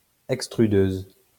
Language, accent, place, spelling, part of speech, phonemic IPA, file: French, France, Lyon, extrudeuse, noun, /ɛk.stʁy.døz/, LL-Q150 (fra)-extrudeuse.wav
- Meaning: extruder